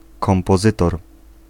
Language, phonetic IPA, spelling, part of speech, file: Polish, [ˌkɔ̃mpɔˈzɨtɔr], kompozytor, noun, Pl-kompozytor.ogg